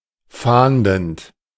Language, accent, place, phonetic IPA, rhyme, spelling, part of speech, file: German, Germany, Berlin, [ˈfaːndn̩t], -aːndn̩t, fahndend, verb, De-fahndend.ogg
- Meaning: present participle of fahnden